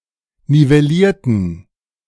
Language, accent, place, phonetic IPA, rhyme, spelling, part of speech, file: German, Germany, Berlin, [nivɛˈliːɐ̯tn̩], -iːɐ̯tn̩, nivellierten, adjective / verb, De-nivellierten.ogg
- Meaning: inflection of nivellieren: 1. first/third-person plural preterite 2. first/third-person plural subjunctive II